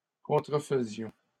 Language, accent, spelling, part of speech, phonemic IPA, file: French, Canada, contrefaisions, verb, /kɔ̃.tʁə.fə.zjɔ̃/, LL-Q150 (fra)-contrefaisions.wav
- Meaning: first-person plural imperfect indicative of contrefaire